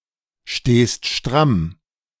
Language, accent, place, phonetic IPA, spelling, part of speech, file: German, Germany, Berlin, [ˌʃteːst ˈʃtʁam], stehst stramm, verb, De-stehst stramm.ogg
- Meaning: second-person singular present of strammstehen